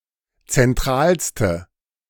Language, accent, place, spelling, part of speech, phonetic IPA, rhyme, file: German, Germany, Berlin, zentralste, adjective, [t͡sɛnˈtʁaːlstə], -aːlstə, De-zentralste.ogg
- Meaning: inflection of zentral: 1. strong/mixed nominative/accusative feminine singular superlative degree 2. strong nominative/accusative plural superlative degree